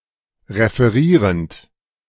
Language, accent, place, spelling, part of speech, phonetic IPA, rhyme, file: German, Germany, Berlin, referierend, verb, [ʁefəˈʁiːʁənt], -iːʁənt, De-referierend.ogg
- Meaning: present participle of referieren